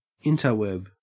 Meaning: Alternative spelling of interweb
- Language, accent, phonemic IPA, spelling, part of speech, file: English, Australia, /ˈɪn.tɑɹˌwɛb/, intarweb, noun, En-au-intarweb.ogg